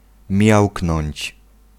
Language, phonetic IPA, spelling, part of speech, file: Polish, [ˈmʲjawknɔ̃ɲt͡ɕ], miauknąć, verb, Pl-miauknąć.ogg